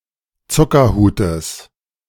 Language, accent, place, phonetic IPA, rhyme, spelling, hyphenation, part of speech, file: German, Germany, Berlin, [ˈt͡sʊkɐˌhuːtəs], -uːtəs, Zuckerhutes, Zu‧cker‧hu‧tes, noun / proper noun, De-Zuckerhutes.ogg
- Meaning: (noun) genitive singular of Zuckerhut